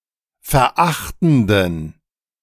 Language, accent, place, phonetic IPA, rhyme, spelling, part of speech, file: German, Germany, Berlin, [fɛɐ̯ˈʔaxtn̩dən], -axtn̩dən, verachtenden, adjective, De-verachtenden.ogg
- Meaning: inflection of verachtend: 1. strong genitive masculine/neuter singular 2. weak/mixed genitive/dative all-gender singular 3. strong/weak/mixed accusative masculine singular 4. strong dative plural